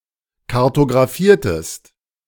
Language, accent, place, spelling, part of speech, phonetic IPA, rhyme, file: German, Germany, Berlin, kartographiertest, verb, [kaʁtoɡʁaˈfiːɐ̯təst], -iːɐ̯təst, De-kartographiertest.ogg
- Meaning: inflection of kartographieren: 1. second-person singular preterite 2. second-person singular subjunctive II